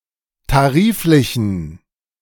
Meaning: inflection of tariflich: 1. strong genitive masculine/neuter singular 2. weak/mixed genitive/dative all-gender singular 3. strong/weak/mixed accusative masculine singular 4. strong dative plural
- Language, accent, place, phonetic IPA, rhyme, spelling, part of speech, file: German, Germany, Berlin, [taˈʁiːflɪçn̩], -iːflɪçn̩, tariflichen, adjective, De-tariflichen.ogg